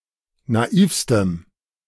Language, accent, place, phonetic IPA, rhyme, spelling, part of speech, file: German, Germany, Berlin, [naˈiːfstəm], -iːfstəm, naivstem, adjective, De-naivstem.ogg
- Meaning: strong dative masculine/neuter singular superlative degree of naiv